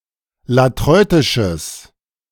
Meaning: strong/mixed nominative/accusative neuter singular of latreutisch
- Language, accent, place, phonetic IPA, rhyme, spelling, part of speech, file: German, Germany, Berlin, [laˈtʁɔɪ̯tɪʃəs], -ɔɪ̯tɪʃəs, latreutisches, adjective, De-latreutisches.ogg